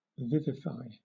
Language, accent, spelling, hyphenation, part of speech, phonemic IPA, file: English, Southern England, vivify, viv‧ify, verb, /ˈvɪvɪfaɪ/, LL-Q1860 (eng)-vivify.wav
- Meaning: 1. To bring to life; to enliven 2. To impart vitality to